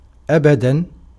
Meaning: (adverb) 1. forever, always 2. never 3. not at all, on no account, absolutely not; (interjection) never!, not at all!, by no means!
- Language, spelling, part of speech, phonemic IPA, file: Arabic, أبدا, adverb / interjection, /ʔa.ba.dan/, Ar-أبداً.ogg